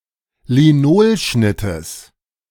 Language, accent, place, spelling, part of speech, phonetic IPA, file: German, Germany, Berlin, Linolschnittes, noun, [liˈnoːlˌʃnɪtəs], De-Linolschnittes.ogg
- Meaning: genitive singular of Linolschnitt